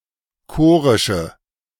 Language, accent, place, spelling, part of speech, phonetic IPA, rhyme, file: German, Germany, Berlin, chorische, adjective, [ˈkoːʁɪʃə], -oːʁɪʃə, De-chorische.ogg
- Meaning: inflection of chorisch: 1. strong/mixed nominative/accusative feminine singular 2. strong nominative/accusative plural 3. weak nominative all-gender singular